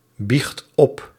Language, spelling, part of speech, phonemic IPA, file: Dutch, biecht op, verb, /ˈbixt ˈɔp/, Nl-biecht op.ogg
- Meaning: inflection of opbiechten: 1. first/second/third-person singular present indicative 2. imperative